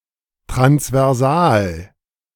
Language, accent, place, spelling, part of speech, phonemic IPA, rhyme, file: German, Germany, Berlin, transversal, adjective, /tʁansvɛʁˈzaːl/, -aːl, De-transversal.ogg
- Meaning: transversal